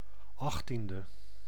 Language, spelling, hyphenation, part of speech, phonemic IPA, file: Dutch, achttiende, acht‧tien‧de, adjective, /ˈɑxˌtin.də/, Nl-achttiende.ogg
- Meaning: eighteenth